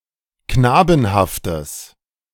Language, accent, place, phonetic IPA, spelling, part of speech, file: German, Germany, Berlin, [ˈknaːbn̩haftəs], knabenhaftes, adjective, De-knabenhaftes.ogg
- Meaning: strong/mixed nominative/accusative neuter singular of knabenhaft